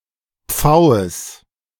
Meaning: genitive singular of Pfau
- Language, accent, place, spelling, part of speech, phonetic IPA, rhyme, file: German, Germany, Berlin, Pfaues, noun, [ˈp͡faʊ̯əs], -aʊ̯əs, De-Pfaues.ogg